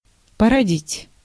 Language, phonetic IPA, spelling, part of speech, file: Russian, [pərɐˈdʲitʲ], породить, verb, Ru-породить.ogg
- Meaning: 1. to give birth 2. to beget, to cause, to entail, to generate 3. to engender, to give rise